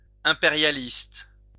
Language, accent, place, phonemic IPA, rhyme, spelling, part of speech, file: French, France, Lyon, /ɛ̃.pe.ʁja.list/, -ist, impérialiste, adjective / noun, LL-Q150 (fra)-impérialiste.wav
- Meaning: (adjective) imperialist